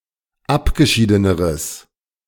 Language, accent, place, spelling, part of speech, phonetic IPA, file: German, Germany, Berlin, abgeschiedeneres, adjective, [ˈapɡəˌʃiːdənəʁəs], De-abgeschiedeneres.ogg
- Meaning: strong/mixed nominative/accusative neuter singular comparative degree of abgeschieden